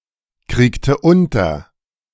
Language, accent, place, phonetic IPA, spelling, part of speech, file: German, Germany, Berlin, [ˌkʁiːktə ˈʊntɐ], kriegte unter, verb, De-kriegte unter.ogg
- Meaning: inflection of unterkriegen: 1. first/third-person singular preterite 2. first/third-person singular subjunctive II